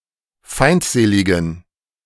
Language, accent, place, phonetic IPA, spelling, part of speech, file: German, Germany, Berlin, [ˈfaɪ̯ntˌzeːlɪɡn̩], feindseligen, adjective, De-feindseligen.ogg
- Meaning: inflection of feindselig: 1. strong genitive masculine/neuter singular 2. weak/mixed genitive/dative all-gender singular 3. strong/weak/mixed accusative masculine singular 4. strong dative plural